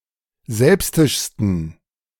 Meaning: 1. superlative degree of selbstisch 2. inflection of selbstisch: strong genitive masculine/neuter singular superlative degree
- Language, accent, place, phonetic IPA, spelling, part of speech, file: German, Germany, Berlin, [ˈzɛlpstɪʃstn̩], selbstischsten, adjective, De-selbstischsten.ogg